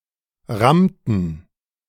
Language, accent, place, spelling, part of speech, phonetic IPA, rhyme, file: German, Germany, Berlin, rammten, verb, [ˈʁamtn̩], -amtn̩, De-rammten.ogg
- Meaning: inflection of rammen: 1. first/third-person plural preterite 2. first/third-person plural subjunctive II